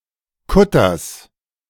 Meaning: genitive singular of Kutter
- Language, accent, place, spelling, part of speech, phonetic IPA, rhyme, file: German, Germany, Berlin, Kutters, noun, [ˈkʊtɐs], -ʊtɐs, De-Kutters.ogg